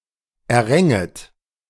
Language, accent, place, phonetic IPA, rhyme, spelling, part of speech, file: German, Germany, Berlin, [ɛɐ̯ˈʁɛŋət], -ɛŋət, erränget, verb, De-erränget.ogg
- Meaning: second-person plural subjunctive II of erringen